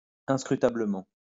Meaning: inscrutably
- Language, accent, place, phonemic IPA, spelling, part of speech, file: French, France, Lyon, /ɛ̃s.kʁy.ta.blə.mɑ̃/, inscrutablement, adverb, LL-Q150 (fra)-inscrutablement.wav